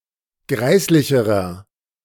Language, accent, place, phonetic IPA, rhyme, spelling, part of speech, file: German, Germany, Berlin, [ˈɡʁaɪ̯slɪçəʁɐ], -aɪ̯slɪçəʁɐ, greislicherer, adjective, De-greislicherer.ogg
- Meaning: inflection of greislich: 1. strong/mixed nominative masculine singular comparative degree 2. strong genitive/dative feminine singular comparative degree 3. strong genitive plural comparative degree